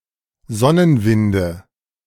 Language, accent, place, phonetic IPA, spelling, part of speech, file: German, Germany, Berlin, [ˈzɔnənˌvɪndə], Sonnenwinde, noun, De-Sonnenwinde.ogg
- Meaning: nominative/accusative/genitive plural of Sonnenwind